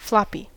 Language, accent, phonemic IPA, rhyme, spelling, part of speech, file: English, US, /ˈflɒ.pi/, -ɒpi, floppy, adjective / noun, En-us-floppy.ogg
- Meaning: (adjective) Limp, not hard, firm, or rigid; flexible; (noun) 1. A floppy disk 2. An insurgent in the Rhodesian Bush War, called as such for the way they "flop" when shot 3. A comic book